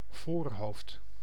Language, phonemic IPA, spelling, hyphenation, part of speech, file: Dutch, /ˈvoːr.ɦoːft/, voorhoofd, voor‧hoofd, noun, Nl-voorhoofd.ogg
- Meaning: forehead (part of face above eyebrows)